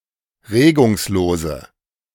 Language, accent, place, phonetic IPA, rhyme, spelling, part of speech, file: German, Germany, Berlin, [ˈʁeːɡʊŋsˌloːzə], -eːɡʊŋsloːzə, regungslose, adjective, De-regungslose.ogg
- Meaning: inflection of regungslos: 1. strong/mixed nominative/accusative feminine singular 2. strong nominative/accusative plural 3. weak nominative all-gender singular